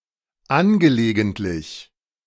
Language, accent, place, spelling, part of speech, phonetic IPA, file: German, Germany, Berlin, angelegentlich, adjective / preposition, [ˈanɡəleːɡəntlɪç], De-angelegentlich.ogg
- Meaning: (adjective) 1. urgent 2. pressing; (adverb) 1. urgently 2. particularly